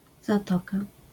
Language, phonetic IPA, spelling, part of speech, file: Polish, [zaˈtɔka], zatoka, noun, LL-Q809 (pol)-zatoka.wav